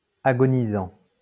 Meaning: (verb) present participle of agoniser; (adjective) dying
- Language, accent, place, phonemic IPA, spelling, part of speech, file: French, France, Lyon, /a.ɡɔ.ni.zɑ̃/, agonisant, verb / adjective, LL-Q150 (fra)-agonisant.wav